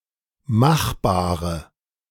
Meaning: inflection of machbar: 1. strong/mixed nominative/accusative feminine singular 2. strong nominative/accusative plural 3. weak nominative all-gender singular 4. weak accusative feminine/neuter singular
- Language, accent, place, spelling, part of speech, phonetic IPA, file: German, Germany, Berlin, machbare, adjective, [ˈmaxˌbaːʁə], De-machbare.ogg